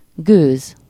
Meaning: 1. steam, vapor 2. (slang) idea (as in "have no idea about something")
- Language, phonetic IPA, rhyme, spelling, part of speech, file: Hungarian, [ˈɡøːz], -øːz, gőz, noun, Hu-gőz.ogg